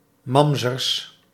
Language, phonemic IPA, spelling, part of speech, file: Dutch, /ˈmɑmzərs/, mamzers, noun, Nl-mamzers.ogg
- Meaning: plural of mamzer